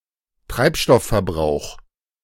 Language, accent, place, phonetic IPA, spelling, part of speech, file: German, Germany, Berlin, [ˈtʁaɪ̯pˌʃtɔffɛɐ̯ˌbʁaʊ̯x], Treibstoffverbrauch, noun, De-Treibstoffverbrauch.ogg
- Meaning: fuel consumption